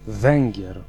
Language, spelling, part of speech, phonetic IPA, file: Polish, Węgier, noun, [ˈvɛ̃ŋʲɟɛr], Pl-Węgier.ogg